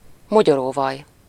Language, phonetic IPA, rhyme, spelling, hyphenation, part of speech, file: Hungarian, [ˈmoɟoroːvɒj], -ɒj, mogyoróvaj, mo‧gyo‧ró‧vaj, noun, Hu-mogyoróvaj.ogg
- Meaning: peanut butter (spread made from ground peanuts)